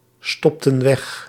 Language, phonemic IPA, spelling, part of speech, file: Dutch, /ˈstɔptə(n) ˈwɛx/, stopten weg, verb, Nl-stopten weg.ogg
- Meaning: inflection of wegstoppen: 1. plural past indicative 2. plural past subjunctive